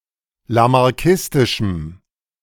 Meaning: strong dative masculine/neuter singular of lamarckistisch
- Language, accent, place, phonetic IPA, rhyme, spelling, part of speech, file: German, Germany, Berlin, [lamaʁˈkɪstɪʃm̩], -ɪstɪʃm̩, lamarckistischem, adjective, De-lamarckistischem.ogg